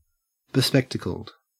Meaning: Wearing spectacles (glasses)
- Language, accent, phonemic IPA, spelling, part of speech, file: English, Australia, /bɪˈspɛktəkəld/, bespectacled, adjective, En-au-bespectacled.ogg